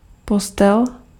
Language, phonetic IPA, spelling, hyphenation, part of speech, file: Czech, [ˈpostɛl], postel, pos‧tel, noun, Cs-postel.ogg
- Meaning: bed (to sleep on)